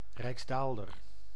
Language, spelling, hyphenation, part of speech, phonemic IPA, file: Dutch, rijksdaalder, rijks‧daal‧der, noun, /ˌrɛi̯ksˈdaːl.dər/, Nl-rijksdaalder.ogg
- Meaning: 1. a Dutch coin worth 2+¹⁄₂ guilders 2. a coin used until the decimalization of 1816 worth 50 stuivers rather than 30 (daalder)